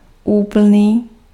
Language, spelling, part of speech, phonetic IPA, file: Czech, úplný, adjective, [ˈuːpl̩niː], Cs-úplný.ogg
- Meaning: complete